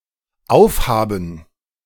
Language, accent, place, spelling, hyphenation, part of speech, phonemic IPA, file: German, Germany, Berlin, aufhaben, auf‧ha‧ben, verb, /ˈaʊ̯fˌhaːbən/, De-aufhaben.ogg
- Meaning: 1. to be open 2. to have (something) open, opened 3. to wear (a piece of headwear) 4. to have, have to do (especially homework) 5. to have finished (a meal or drink)